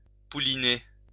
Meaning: to foal (give birth)
- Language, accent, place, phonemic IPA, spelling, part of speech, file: French, France, Lyon, /pu.li.ne/, pouliner, verb, LL-Q150 (fra)-pouliner.wav